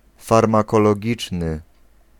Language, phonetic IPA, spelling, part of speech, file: Polish, [ˌfarmakɔlɔˈɟit͡ʃnɨ], farmakologiczny, adjective, Pl-farmakologiczny.ogg